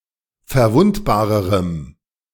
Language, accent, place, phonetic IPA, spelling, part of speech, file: German, Germany, Berlin, [fɛɐ̯ˈvʊntbaːʁəʁəm], verwundbarerem, adjective, De-verwundbarerem.ogg
- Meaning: strong dative masculine/neuter singular comparative degree of verwundbar